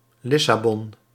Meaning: Lisbon (the capital city of Portugal)
- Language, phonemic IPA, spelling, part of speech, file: Dutch, /ˈlɪsaːbɔn/, Lissabon, proper noun, Nl-Lissabon.ogg